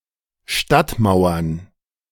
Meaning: plural of Stadtmauer
- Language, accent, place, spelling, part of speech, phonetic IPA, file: German, Germany, Berlin, Stadtmauern, noun, [ˈʃtatˌmaʊ̯ɐn], De-Stadtmauern.ogg